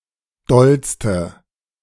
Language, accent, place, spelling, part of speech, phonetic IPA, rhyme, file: German, Germany, Berlin, dollste, adjective, [ˈdɔlstə], -ɔlstə, De-dollste.ogg
- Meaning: inflection of doll: 1. strong/mixed nominative/accusative feminine singular superlative degree 2. strong nominative/accusative plural superlative degree